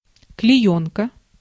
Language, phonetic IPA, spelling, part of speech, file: Russian, [klʲɪˈjɵnkə], клеёнка, noun, Ru-клеёнка.ogg
- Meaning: oilcloth, oilskin